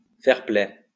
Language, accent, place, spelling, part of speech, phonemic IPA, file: French, France, Lyon, fair-play, noun, /fɛʁ.plɛ/, LL-Q150 (fra)-fair-play.wav
- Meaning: fair play